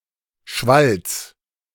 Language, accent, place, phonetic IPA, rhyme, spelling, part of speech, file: German, Germany, Berlin, [ʃvals], -als, Schwalls, noun, De-Schwalls.ogg
- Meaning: genitive of Schwall